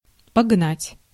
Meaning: 1. to drive 2. to lie
- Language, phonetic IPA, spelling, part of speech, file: Russian, [pɐɡˈnatʲ], погнать, verb, Ru-погнать.ogg